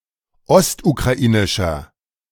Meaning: inflection of ostukrainisch: 1. strong/mixed nominative masculine singular 2. strong genitive/dative feminine singular 3. strong genitive plural
- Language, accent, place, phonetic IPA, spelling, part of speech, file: German, Germany, Berlin, [ˈɔstukʁaˌʔiːnɪʃɐ], ostukrainischer, adjective, De-ostukrainischer.ogg